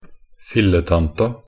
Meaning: definite feminine singular of filletante
- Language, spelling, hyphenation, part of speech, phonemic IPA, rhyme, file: Norwegian Bokmål, filletanta, fil‧le‧tan‧ta, noun, /fɪlːətanta/, -anta, Nb-filletanta.ogg